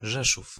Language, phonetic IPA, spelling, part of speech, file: Polish, [ˈʒɛʃuf], Rzeszów, proper noun, Pl-Rzeszów.ogg